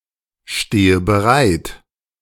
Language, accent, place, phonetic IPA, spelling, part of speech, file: German, Germany, Berlin, [ˌʃteːə bəˈʁaɪ̯t], stehe bereit, verb, De-stehe bereit.ogg
- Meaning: inflection of bereitstehen: 1. first-person singular present 2. first/third-person singular subjunctive I 3. singular imperative